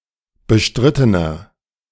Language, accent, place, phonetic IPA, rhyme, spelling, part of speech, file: German, Germany, Berlin, [bəˈʃtʁɪtənɐ], -ɪtənɐ, bestrittener, adjective, De-bestrittener.ogg
- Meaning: 1. comparative degree of bestritten 2. inflection of bestritten: strong/mixed nominative masculine singular 3. inflection of bestritten: strong genitive/dative feminine singular